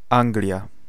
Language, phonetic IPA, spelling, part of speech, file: Polish, [ˈãŋɡlʲja], Anglia, proper noun, Pl-Anglia.ogg